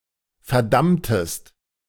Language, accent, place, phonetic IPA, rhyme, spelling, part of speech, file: German, Germany, Berlin, [fɛɐ̯ˈdamtəst], -amtəst, verdammtest, verb, De-verdammtest.ogg
- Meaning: inflection of verdammen: 1. second-person singular preterite 2. second-person singular subjunctive II